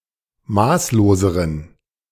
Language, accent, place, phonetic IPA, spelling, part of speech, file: German, Germany, Berlin, [ˈmaːsloːzəʁən], maßloseren, adjective, De-maßloseren.ogg
- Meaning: inflection of maßlos: 1. strong genitive masculine/neuter singular comparative degree 2. weak/mixed genitive/dative all-gender singular comparative degree